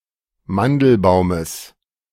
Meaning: genitive singular of Mandelbaum
- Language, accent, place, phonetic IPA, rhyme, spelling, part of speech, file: German, Germany, Berlin, [ˈmandl̩ˌbaʊ̯məs], -andl̩baʊ̯məs, Mandelbaumes, noun, De-Mandelbaumes.ogg